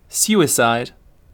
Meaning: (noun) 1. The act of intentionally killing oneself 2. A particular instance of a person intentionally killing oneself, or of multiple people doing so 3. A person who has intentionally killed themself
- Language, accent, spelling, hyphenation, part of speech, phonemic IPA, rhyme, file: English, UK, suicide, su‧i‧cide, noun / verb, /ˈs(j)uːɪˌsaɪd/, -uːɪsaɪd, En-uk-suicide.ogg